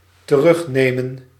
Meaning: 1. to take back (after having lost), to retake 2. to take back (word)
- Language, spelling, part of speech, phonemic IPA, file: Dutch, terugnemen, verb, /təˈrʏxˌneːmə(n)/, Nl-terugnemen.ogg